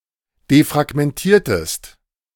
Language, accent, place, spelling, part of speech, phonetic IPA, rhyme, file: German, Germany, Berlin, defragmentiertest, verb, [defʁaɡmɛnˈtiːɐ̯təst], -iːɐ̯təst, De-defragmentiertest.ogg
- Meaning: inflection of defragmentieren: 1. second-person singular preterite 2. second-person singular subjunctive II